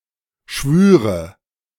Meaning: first/third-person singular subjunctive II of schwören
- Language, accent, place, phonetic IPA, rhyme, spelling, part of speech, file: German, Germany, Berlin, [ˈʃvyːʁə], -yːʁə, schwüre, verb, De-schwüre.ogg